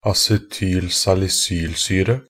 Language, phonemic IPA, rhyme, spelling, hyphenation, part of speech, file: Norwegian Bokmål, /asɛtyːl.salɪˈsyːlsyːrə/, -yːrə, acetylsalisylsyre, a‧ce‧tyl‧sal‧i‧syl‧sy‧re, noun, Nb-acetylsalisylsyre.ogg
- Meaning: acetylsalicylic acid (the acetate ester of salicylic acid, commonly called aspirin)